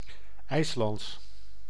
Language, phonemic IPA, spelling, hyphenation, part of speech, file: Dutch, /ˈɛi̯s.lɑnts/, IJslands, IJs‧lands, adjective / proper noun, Nl-IJslands.ogg
- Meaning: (adjective) 1. Icelandic, relating to Iceland and/or its people 2. in or relating to the Icelandic language; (proper noun) the Icelandic language